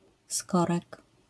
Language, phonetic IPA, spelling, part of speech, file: Polish, [ˈskɔrɛk], skorek, noun, LL-Q809 (pol)-skorek.wav